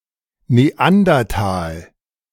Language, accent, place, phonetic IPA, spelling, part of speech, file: German, Germany, Berlin, [neˈandɐtaːl], Neandertal, proper noun, De-Neandertal.ogg
- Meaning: Neander Valley, a small valley of the river Düssel in the German state of North Rhine-Westphalia